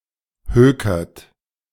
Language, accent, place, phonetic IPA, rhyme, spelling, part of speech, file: German, Germany, Berlin, [ˈhøːkɐt], -øːkɐt, hökert, verb, De-hökert.ogg
- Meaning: inflection of hökern: 1. second-person plural present 2. third-person singular present 3. plural imperative